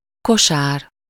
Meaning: 1. basket (round lightweight container, especially one that is woven) 2. basketful (amount that will fit into a basket) 3. shopping basket (basket for carrying merchandise while shopping)
- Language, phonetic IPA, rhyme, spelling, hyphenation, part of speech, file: Hungarian, [ˈkoʃaːr], -aːr, kosár, ko‧sár, noun, Hu-kosár.ogg